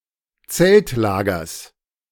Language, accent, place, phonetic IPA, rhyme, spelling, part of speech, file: German, Germany, Berlin, [ˈt͡sɛltˌlaːɡɐs], -ɛltlaːɡɐs, Zeltlagers, noun, De-Zeltlagers.ogg
- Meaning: genitive singular of Zeltlager